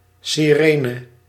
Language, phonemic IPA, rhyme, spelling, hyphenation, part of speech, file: Dutch, /ˌsiˈreː.nə/, -eːnə, sirene, si‧re‧ne, noun, Nl-sirene.ogg
- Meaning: 1. a siren, a noisy warning device 2. a siren, a dangerous nymph of Greek mythology, luring passers-by using an irresistible song 3. a seductive but dangerous female